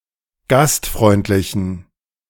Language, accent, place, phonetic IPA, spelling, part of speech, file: German, Germany, Berlin, [ˈɡastˌfʁɔɪ̯ntlɪçn̩], gastfreundlichen, adjective, De-gastfreundlichen.ogg
- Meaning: inflection of gastfreundlich: 1. strong genitive masculine/neuter singular 2. weak/mixed genitive/dative all-gender singular 3. strong/weak/mixed accusative masculine singular 4. strong dative plural